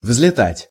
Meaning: 1. to fly up, to soar, to take off, to take wing 2. to zoom
- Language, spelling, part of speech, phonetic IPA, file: Russian, взлетать, verb, [vz⁽ʲ⁾lʲɪˈtatʲ], Ru-взлетать.ogg